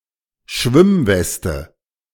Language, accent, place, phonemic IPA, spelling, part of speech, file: German, Germany, Berlin, /ˈʃvɪmˌvɛstə/, Schwimmweste, noun, De-Schwimmweste.ogg
- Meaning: life jacket, life vest, lifevest, lifejacket